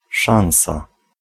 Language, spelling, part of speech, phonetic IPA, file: Polish, szansa, noun, [ˈʃãw̃sa], Pl-szansa.ogg